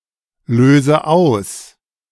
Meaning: inflection of auslösen: 1. first-person singular present 2. first/third-person singular subjunctive I 3. singular imperative
- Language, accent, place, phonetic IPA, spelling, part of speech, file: German, Germany, Berlin, [ˌløːzə ˈaʊ̯s], löse aus, verb, De-löse aus.ogg